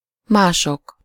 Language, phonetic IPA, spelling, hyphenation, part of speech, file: Hungarian, [ˈmaːʃok], mások, má‧sok, pronoun, Hu-mások.ogg
- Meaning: nominative plural of más